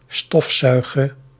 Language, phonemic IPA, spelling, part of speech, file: Dutch, /ˈstɔf.ˌsœy̯ɣə/, stofzuige, verb, Nl-stofzuige.ogg
- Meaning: singular present subjunctive of stofzuigen